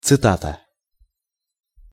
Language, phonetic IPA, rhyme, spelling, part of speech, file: Russian, [t͡sɨˈtatə], -atə, цитата, noun, Ru-цитата.ogg
- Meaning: quote, quotation, citation (a statement attributed to someone)